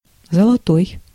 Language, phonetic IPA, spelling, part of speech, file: Russian, [zəɫɐˈtoɪ̯], золотой, adjective, Ru-золотой.ogg